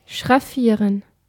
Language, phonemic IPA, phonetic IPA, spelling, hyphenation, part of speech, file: German, /ʃʁaˈfiːʁən/, [ʃʁaˈfiːɐ̯n], schraffieren, schraf‧fie‧ren, verb, De-schraffieren.ogg
- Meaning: to hatch (shade an area with fine lines)